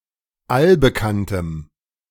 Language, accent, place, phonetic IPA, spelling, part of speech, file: German, Germany, Berlin, [ˈalbəˌkantəm], allbekanntem, adjective, De-allbekanntem.ogg
- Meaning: strong dative masculine/neuter singular of allbekannt